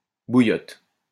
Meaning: 1. hot water bottle 2. A rapidly-played variety of brelan or gleek (a card game resembling poker) 3. Water heater
- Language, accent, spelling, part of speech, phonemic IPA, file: French, France, bouillotte, noun, /bu.jɔt/, LL-Q150 (fra)-bouillotte.wav